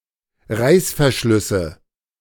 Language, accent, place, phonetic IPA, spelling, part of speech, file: German, Germany, Berlin, [ˈʁaɪ̯sfɛɐ̯ˌʃlʏsə], Reißverschlüsse, noun, De-Reißverschlüsse.ogg
- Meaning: nominative/accusative/genitive plural of Reißverschluss